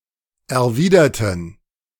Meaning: inflection of erwidern: 1. first/third-person plural preterite 2. first/third-person plural subjunctive II
- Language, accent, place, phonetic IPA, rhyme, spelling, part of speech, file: German, Germany, Berlin, [ɛɐ̯ˈviːdɐtn̩], -iːdɐtn̩, erwiderten, adjective / verb, De-erwiderten.ogg